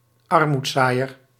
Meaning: 1. one who is extremely poor, a down-and-outer, a beggar 2. an aggressive or cruel person, a hothead, one given to fights and bickering
- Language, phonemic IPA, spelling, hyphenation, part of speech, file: Dutch, /ˈɑr.mutˌsaː.jər/, armoedzaaier, ar‧moed‧zaai‧er, noun, Nl-armoedzaaier.ogg